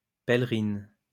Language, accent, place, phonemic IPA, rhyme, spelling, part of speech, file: French, France, Lyon, /pɛl.ʁin/, -in, pèlerine, noun, LL-Q150 (fra)-pèlerine.wav
- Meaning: 1. female equivalent of pèlerin 2. pelerine, cape